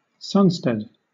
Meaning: A solstice
- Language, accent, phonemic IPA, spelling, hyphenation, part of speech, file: English, Southern England, /ˈsʌnstɛd/, sunstead, sun‧stead, noun, LL-Q1860 (eng)-sunstead.wav